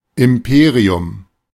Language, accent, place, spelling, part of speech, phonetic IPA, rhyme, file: German, Germany, Berlin, Imperium, noun, [ɪmˈpeːʁiʊm], -eːʁiʊm, De-Imperium.ogg
- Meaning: 1. empire 2. the right to enforce the law 3. governmental power